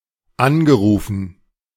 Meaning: past participle of anrufen
- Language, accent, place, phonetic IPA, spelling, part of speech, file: German, Germany, Berlin, [ˈanɡəˌʁuːfn̩], angerufen, verb, De-angerufen.ogg